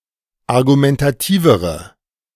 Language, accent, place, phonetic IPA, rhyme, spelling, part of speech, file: German, Germany, Berlin, [aʁɡumɛntaˈtiːvəʁə], -iːvəʁə, argumentativere, adjective, De-argumentativere.ogg
- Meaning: inflection of argumentativ: 1. strong/mixed nominative/accusative feminine singular comparative degree 2. strong nominative/accusative plural comparative degree